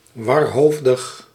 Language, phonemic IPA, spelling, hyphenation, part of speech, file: Dutch, /ˌʋɑrˈɦoːf.dəx/, warhoofdig, war‧hoof‧dig, adjective, Nl-warhoofdig.ogg
- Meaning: scatterbrained, muddled, confused